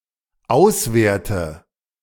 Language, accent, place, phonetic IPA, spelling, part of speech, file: German, Germany, Berlin, [ˈaʊ̯sˌveːɐ̯tə], auswerte, verb, De-auswerte.ogg
- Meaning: inflection of auswerten: 1. first-person singular dependent present 2. first/third-person singular dependent subjunctive I